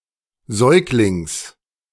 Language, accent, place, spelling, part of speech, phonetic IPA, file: German, Germany, Berlin, Säuglings, noun, [ˈzɔɪ̯klɪŋs], De-Säuglings.ogg
- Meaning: genitive singular of Säugling